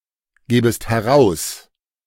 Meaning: second-person singular subjunctive I of herausgeben
- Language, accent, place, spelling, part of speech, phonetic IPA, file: German, Germany, Berlin, gebest heraus, verb, [ˌɡeːbəst hɛˈʁaʊ̯s], De-gebest heraus.ogg